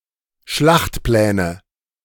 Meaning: nominative/accusative/genitive plural of Schlachtplan
- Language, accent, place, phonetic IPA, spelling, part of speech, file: German, Germany, Berlin, [ˈʃlaxtˌplɛːnə], Schlachtpläne, noun, De-Schlachtpläne.ogg